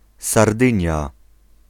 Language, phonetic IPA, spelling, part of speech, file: Polish, [sarˈdɨ̃ɲja], Sardynia, proper noun, Pl-Sardynia.ogg